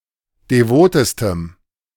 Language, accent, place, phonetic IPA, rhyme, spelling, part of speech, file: German, Germany, Berlin, [deˈvoːtəstəm], -oːtəstəm, devotestem, adjective, De-devotestem.ogg
- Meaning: strong dative masculine/neuter singular superlative degree of devot